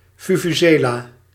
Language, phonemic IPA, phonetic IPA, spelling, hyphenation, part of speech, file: Dutch, /vu.vuˈzeː.laː/, [vu.vuˈzeː.la(ː)], vuvuzela, vu‧vu‧ze‧la, noun, Nl-vuvuzela.ogg
- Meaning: vuvuzela